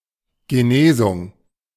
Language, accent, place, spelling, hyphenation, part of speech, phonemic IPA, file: German, Germany, Berlin, Genesung, Ge‧ne‧sung, noun, /ɡəˈneːzʊŋ/, De-Genesung.ogg
- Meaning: recovery